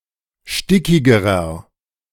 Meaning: inflection of stickig: 1. strong/mixed nominative masculine singular comparative degree 2. strong genitive/dative feminine singular comparative degree 3. strong genitive plural comparative degree
- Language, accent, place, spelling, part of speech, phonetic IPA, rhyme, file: German, Germany, Berlin, stickigerer, adjective, [ˈʃtɪkɪɡəʁɐ], -ɪkɪɡəʁɐ, De-stickigerer.ogg